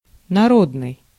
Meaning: 1. people's 2. popular 3. popular, folk, vernacular 4. national 5. public
- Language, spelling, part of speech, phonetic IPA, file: Russian, народный, adjective, [nɐˈrodnɨj], Ru-народный.ogg